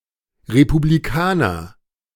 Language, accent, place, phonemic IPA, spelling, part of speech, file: German, Germany, Berlin, /ʁepubliˈkaːnɐ/, Republikaner, noun, De-Republikaner.ogg
- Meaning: 1. a republican 2. a Republican 3. a member of the German party Die Republikaner